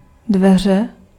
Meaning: door
- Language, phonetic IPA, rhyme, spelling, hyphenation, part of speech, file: Czech, [ˈdvɛr̝ɛ], -ɛr̝ɛ, dveře, dve‧ře, noun, Cs-dveře.ogg